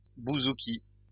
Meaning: bouzouki
- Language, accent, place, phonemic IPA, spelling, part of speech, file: French, France, Lyon, /bu.zu.ki/, bouzouki, noun, LL-Q150 (fra)-bouzouki.wav